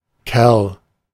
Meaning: 1. fellow, guy, chap, bloke 2. freeman
- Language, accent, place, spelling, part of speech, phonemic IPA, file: German, Germany, Berlin, Kerl, noun, /kɛʁl/, De-Kerl.ogg